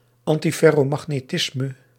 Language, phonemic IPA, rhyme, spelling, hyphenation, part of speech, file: Dutch, /ɑn.ti.fɛ.roː.mɑx.neːˈtɪs.mə/, -ɪsmə, antiferromagnetisme, an‧ti‧fer‧ro‧mag‧ne‧tis‧me, noun, Nl-antiferromagnetisme.ogg
- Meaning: antiferromagnetism